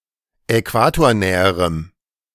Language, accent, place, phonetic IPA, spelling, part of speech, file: German, Germany, Berlin, [ɛˈkvaːtoːɐ̯ˌnɛːəʁəm], äquatornäherem, adjective, De-äquatornäherem.ogg
- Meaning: strong dative masculine/neuter singular comparative degree of äquatornah